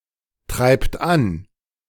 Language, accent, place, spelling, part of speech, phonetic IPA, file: German, Germany, Berlin, treibt an, verb, [ˌtʁaɪ̯pt ˈan], De-treibt an.ogg
- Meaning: inflection of antreiben: 1. third-person singular present 2. second-person plural present 3. plural imperative